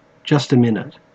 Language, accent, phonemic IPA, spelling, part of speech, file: English, Australia, /ˈdʒʌst ə ˌmɪnɪt/, just a minute, noun / interjection, En-au-just a minute.ogg
- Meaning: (noun) 1. A short period of time, typically anywhere from several seconds to several minutes or more 2. Used other than figuratively or idiomatically: see just, a, minute